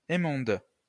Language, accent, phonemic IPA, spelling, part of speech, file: French, France, /e.mɔ̃d/, émondes, verb, LL-Q150 (fra)-émondes.wav
- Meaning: second-person singular present indicative/subjunctive of émonder